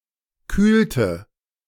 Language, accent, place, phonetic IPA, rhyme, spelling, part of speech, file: German, Germany, Berlin, [ˈkyːltə], -yːltə, kühlte, verb, De-kühlte.ogg
- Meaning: inflection of kühlen: 1. first/third-person singular preterite 2. first/third-person singular subjunctive II